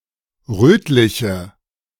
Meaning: inflection of rötlich: 1. strong/mixed nominative/accusative feminine singular 2. strong nominative/accusative plural 3. weak nominative all-gender singular 4. weak accusative feminine/neuter singular
- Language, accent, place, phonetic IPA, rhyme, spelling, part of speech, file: German, Germany, Berlin, [ˈʁøːtlɪçə], -øːtlɪçə, rötliche, adjective, De-rötliche.ogg